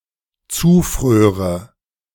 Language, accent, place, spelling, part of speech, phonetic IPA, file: German, Germany, Berlin, zufröre, verb, [ˈt͡suːˌfʁøːʁə], De-zufröre.ogg
- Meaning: first/third-person singular dependent subjunctive II of zufrieren